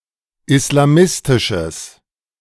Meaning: strong/mixed nominative/accusative neuter singular of islamistisch
- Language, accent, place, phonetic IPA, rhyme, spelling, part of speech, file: German, Germany, Berlin, [ɪslaˈmɪstɪʃəs], -ɪstɪʃəs, islamistisches, adjective, De-islamistisches.ogg